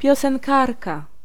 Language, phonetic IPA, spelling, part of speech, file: Polish, [ˌpʲjɔsɛ̃ŋˈkarka], piosenkarka, noun, Pl-piosenkarka.ogg